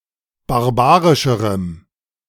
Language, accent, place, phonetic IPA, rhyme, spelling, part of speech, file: German, Germany, Berlin, [baʁˈbaːʁɪʃəʁəm], -aːʁɪʃəʁəm, barbarischerem, adjective, De-barbarischerem.ogg
- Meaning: strong dative masculine/neuter singular comparative degree of barbarisch